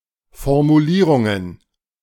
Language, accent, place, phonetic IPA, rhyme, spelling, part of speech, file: German, Germany, Berlin, [fɔʁmuˈliːʁʊŋən], -iːʁʊŋən, Formulierungen, noun, De-Formulierungen.ogg
- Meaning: plural of Formulierung